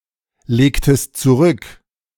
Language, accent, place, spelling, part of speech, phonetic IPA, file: German, Germany, Berlin, legtest zurück, verb, [ˌleːktəst t͡suˈʁʏk], De-legtest zurück.ogg
- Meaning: inflection of zurücklegen: 1. second-person singular preterite 2. second-person singular subjunctive II